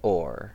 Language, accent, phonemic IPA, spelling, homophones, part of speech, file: English, US, /oɹ/, oar, ore / o'er / aw, noun / verb, En-us-oar.ogg